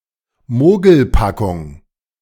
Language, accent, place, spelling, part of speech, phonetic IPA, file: German, Germany, Berlin, Mogelpackung, noun, [ˈmoːɡl̩ˌpakʊŋ], De-Mogelpackung.ogg
- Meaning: 1. Deceptive packaging, such as a large container with little content; more generally, an item promoted with misleading advertising 2. Anything of a deceptive or dubious nature